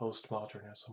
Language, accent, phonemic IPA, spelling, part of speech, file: English, US, /pəʊstˈmɑdɚnɪzəm/, postmodernism, noun, Postmodernism US.ogg
- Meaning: Any style in art, architecture, literature, philosophy, etc., that reacts against an earlier modernist movement